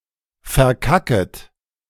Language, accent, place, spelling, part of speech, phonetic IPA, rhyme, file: German, Germany, Berlin, verkacket, verb, [fɛɐ̯ˈkakət], -akət, De-verkacket.ogg
- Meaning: second-person plural subjunctive I of verkacken